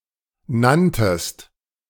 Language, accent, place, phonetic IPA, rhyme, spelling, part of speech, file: German, Germany, Berlin, [ˈnantəst], -antəst, nanntest, verb, De-nanntest.ogg
- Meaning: second-person singular preterite of nennen